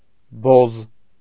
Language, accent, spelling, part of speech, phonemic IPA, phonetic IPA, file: Armenian, Eastern Armenian, բոզ, noun / adjective, /boz/, [boz], Hy-բոզ.ogg
- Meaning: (noun) 1. whore, tart, prostitute 2. bitch, slut 3. motherfucker, dickhead (strong generic insult) 4. army officer (especially as used by the privates) 5. policeman, police officer; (adjective) grey